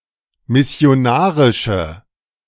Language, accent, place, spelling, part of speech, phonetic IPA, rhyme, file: German, Germany, Berlin, missionarische, adjective, [mɪsi̯oˈnaːʁɪʃə], -aːʁɪʃə, De-missionarische.ogg
- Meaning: inflection of missionarisch: 1. strong/mixed nominative/accusative feminine singular 2. strong nominative/accusative plural 3. weak nominative all-gender singular